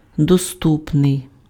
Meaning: 1. accessible, available 2. simple, comprehensible, intelligible 3. approachable
- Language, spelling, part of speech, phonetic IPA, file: Ukrainian, доступний, adjective, [doˈstupnei̯], Uk-доступний.ogg